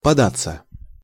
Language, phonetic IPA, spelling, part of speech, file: Russian, [pɐˈdat͡sːə], податься, verb, Ru-податься.ogg
- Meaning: 1. to move (under pressure) 2. to yield, to give way 3. to make (for), to set out (for) 4. passive of пода́ть (podátʹ)